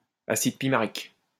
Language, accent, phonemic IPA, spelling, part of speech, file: French, France, /a.sid pi.ma.ʁik/, acide pimarique, noun, LL-Q150 (fra)-acide pimarique.wav
- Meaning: pimaric acid